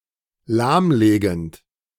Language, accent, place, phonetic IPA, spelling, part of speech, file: German, Germany, Berlin, [ˈlaːmˌleːɡn̩t], lahmlegend, verb, De-lahmlegend.ogg
- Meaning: present participle of lahmlegen